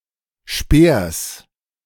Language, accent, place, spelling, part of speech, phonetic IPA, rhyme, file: German, Germany, Berlin, Speers, noun, [ʃpeːɐ̯s], -eːɐ̯s, De-Speers.ogg
- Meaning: genitive singular of Speer